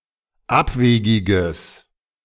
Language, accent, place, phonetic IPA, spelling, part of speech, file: German, Germany, Berlin, [ˈapˌveːɡɪɡəs], abwegiges, adjective, De-abwegiges.ogg
- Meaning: strong/mixed nominative/accusative neuter singular of abwegig